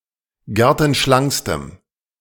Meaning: strong dative masculine/neuter singular superlative degree of gertenschlank
- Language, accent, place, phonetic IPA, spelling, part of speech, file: German, Germany, Berlin, [ˈɡɛʁtn̩ˌʃlaŋkstəm], gertenschlankstem, adjective, De-gertenschlankstem.ogg